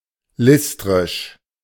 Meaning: listric
- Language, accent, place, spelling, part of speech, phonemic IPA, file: German, Germany, Berlin, listrisch, adjective, /ˈlɪstʁɪʃ/, De-listrisch.ogg